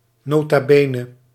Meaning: nota bene (used to add an aside or warning to a text)
- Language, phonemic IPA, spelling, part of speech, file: Dutch, /ˌnoː.taː ˈbeː.nə/, nota bene, phrase, Nl-nota bene.ogg